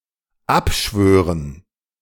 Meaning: to abjure, to renounce
- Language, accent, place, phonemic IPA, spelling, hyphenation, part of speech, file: German, Germany, Berlin, /ˈapʃvøːʁən/, abschwören, ab‧schwö‧ren, verb, De-abschwören.ogg